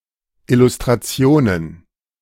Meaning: plural of Illustration
- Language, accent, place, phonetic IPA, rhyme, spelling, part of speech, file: German, Germany, Berlin, [ɪlustʁaˈt͡si̯oːnən], -oːnən, Illustrationen, noun, De-Illustrationen.ogg